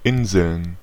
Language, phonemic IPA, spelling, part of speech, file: German, /ˈʔɪnzl̩n/, Inseln, noun, De-Inseln.ogg
- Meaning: plural of Insel